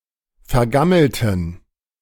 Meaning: inflection of vergammelt: 1. strong genitive masculine/neuter singular 2. weak/mixed genitive/dative all-gender singular 3. strong/weak/mixed accusative masculine singular 4. strong dative plural
- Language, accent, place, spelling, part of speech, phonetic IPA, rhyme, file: German, Germany, Berlin, vergammelten, adjective / verb, [fɛɐ̯ˈɡaml̩tn̩], -aml̩tn̩, De-vergammelten.ogg